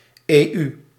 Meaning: EU; initialism of Europese Unie (“European Union”)
- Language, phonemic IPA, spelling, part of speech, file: Dutch, /eːˈy/, EU, proper noun, Nl-EU.ogg